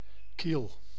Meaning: bottom of a ship: the keel
- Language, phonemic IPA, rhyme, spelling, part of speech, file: Dutch, /kil/, -il, kiel, noun, Nl-kiel.ogg